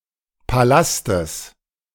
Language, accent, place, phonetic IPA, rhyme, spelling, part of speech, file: German, Germany, Berlin, [paˈlastəs], -astəs, Palastes, noun, De-Palastes.ogg
- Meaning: genitive singular of Palast